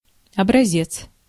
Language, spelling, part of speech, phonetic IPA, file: Russian, образец, noun, [ɐbrɐˈzʲet͡s], Ru-образец.ogg
- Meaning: 1. specimen 2. example 3. sample